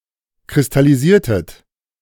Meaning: inflection of kristallisieren: 1. second-person plural preterite 2. second-person plural subjunctive II
- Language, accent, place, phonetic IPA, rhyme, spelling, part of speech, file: German, Germany, Berlin, [kʁɪstaliˈziːɐ̯tət], -iːɐ̯tət, kristallisiertet, verb, De-kristallisiertet.ogg